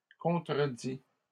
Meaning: 1. past participle of contredire 2. inflection of contredire: third-person singular present indicative 3. inflection of contredire: third-person singular past historic
- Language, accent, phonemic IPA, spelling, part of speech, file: French, Canada, /kɔ̃.tʁə.di/, contredit, verb, LL-Q150 (fra)-contredit.wav